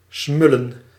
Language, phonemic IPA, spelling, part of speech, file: Dutch, /ˈsmʏlə(n)/, smullen, verb, Nl-smullen.ogg
- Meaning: to eat quickly, to feast